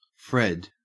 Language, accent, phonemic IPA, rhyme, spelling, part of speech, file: English, Australia, /fɹɛd/, -ɛd, Fred, proper noun / noun, En-au-Fred.ogg
- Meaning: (proper noun) 1. A short version of Frederick, Alfred, or Wilfred, also used as a formal male given name 2. The Lockheed C-5 Galaxy, a military transport aircraft widely used by USAF aircrews